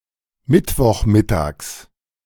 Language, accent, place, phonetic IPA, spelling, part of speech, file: German, Germany, Berlin, [ˈmɪtvɔxˌmɪtaːks], Mittwochmittags, noun, De-Mittwochmittags.ogg
- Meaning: genitive of Mittwochmittag